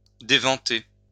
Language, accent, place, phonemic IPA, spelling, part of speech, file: French, France, Lyon, /de.vɑ̃.te/, déventer, verb, LL-Q150 (fra)-déventer.wav
- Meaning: to take the wind out (of the sails of a vessel)